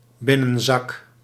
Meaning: an inside pocket, inner pocket
- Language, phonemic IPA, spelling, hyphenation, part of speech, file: Dutch, /ˈbɪ.nə(n)ˌzɑk/, binnenzak, bin‧nen‧zak, noun, Nl-binnenzak.ogg